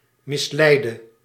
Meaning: singular present subjunctive of misleiden
- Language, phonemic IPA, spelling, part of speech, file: Dutch, /mɪsˈlɛidə/, misleide, adjective / verb, Nl-misleide.ogg